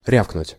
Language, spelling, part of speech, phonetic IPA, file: Russian, рявкнуть, verb, [ˈrʲafknʊtʲ], Ru-рявкнуть.ogg
- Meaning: to bellow, to roar